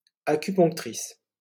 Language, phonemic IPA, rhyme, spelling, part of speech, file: French, /a.ky.pɔ̃k.tʁis/, -is, acuponctrice, noun, LL-Q150 (fra)-acuponctrice.wav
- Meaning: female equivalent of acuponcteur